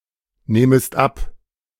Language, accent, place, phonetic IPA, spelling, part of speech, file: German, Germany, Berlin, [ˌnɛːməst ˈap], nähmest ab, verb, De-nähmest ab.ogg
- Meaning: second-person singular subjunctive II of abnehmen